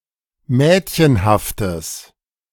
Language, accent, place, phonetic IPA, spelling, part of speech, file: German, Germany, Berlin, [ˈmɛːtçənhaftəs], mädchenhaftes, adjective, De-mädchenhaftes.ogg
- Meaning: strong/mixed nominative/accusative neuter singular of mädchenhaft